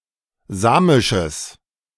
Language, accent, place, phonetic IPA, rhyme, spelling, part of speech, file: German, Germany, Berlin, [ˈzaːmɪʃəs], -aːmɪʃəs, samisches, adjective, De-samisches.ogg
- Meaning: strong/mixed nominative/accusative neuter singular of samisch